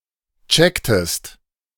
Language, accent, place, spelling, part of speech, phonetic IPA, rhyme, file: German, Germany, Berlin, checktest, verb, [ˈt͡ʃɛktəst], -ɛktəst, De-checktest.ogg
- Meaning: inflection of checken: 1. second-person singular preterite 2. second-person singular subjunctive II